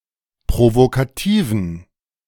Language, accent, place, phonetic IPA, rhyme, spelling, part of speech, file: German, Germany, Berlin, [pʁovokaˈtiːvn̩], -iːvn̩, provokativen, adjective, De-provokativen.ogg
- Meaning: inflection of provokativ: 1. strong genitive masculine/neuter singular 2. weak/mixed genitive/dative all-gender singular 3. strong/weak/mixed accusative masculine singular 4. strong dative plural